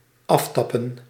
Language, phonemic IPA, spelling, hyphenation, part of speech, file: Dutch, /ˈɑftɑpə(n)/, aftappen, af‧tap‧pen, verb, Nl-aftappen.ogg
- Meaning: 1. to tap off, to siphon off, to drain 2. to wiretap (intercept or listen in on a communication)